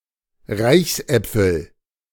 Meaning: nominative/accusative/genitive plural of Reichsapfel
- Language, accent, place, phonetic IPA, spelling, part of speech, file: German, Germany, Berlin, [ˈʁaɪ̯çsˌʔɛp͡fl̩], Reichsäpfel, noun, De-Reichsäpfel.ogg